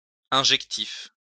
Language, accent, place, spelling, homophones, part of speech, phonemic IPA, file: French, France, Lyon, injectif, injectifs, adjective, /ɛ̃.ʒɛk.tif/, LL-Q150 (fra)-injectif.wav
- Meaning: injective